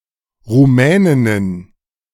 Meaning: plural of Rumänin
- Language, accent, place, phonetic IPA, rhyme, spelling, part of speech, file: German, Germany, Berlin, [ʁuˈmɛːnɪnən], -ɛːnɪnən, Rumäninnen, noun, De-Rumäninnen.ogg